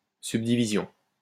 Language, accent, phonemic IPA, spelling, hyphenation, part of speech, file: French, France, /syb.di.vi.zjɔ̃/, subdivision, sub‧di‧vi‧sion, noun, LL-Q150 (fra)-subdivision.wav
- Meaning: subdivision